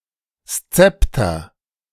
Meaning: sceptre
- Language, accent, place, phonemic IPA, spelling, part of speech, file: German, Germany, Berlin, /ˈst͡sɛptɐ/, Szepter, noun, De-Szepter.ogg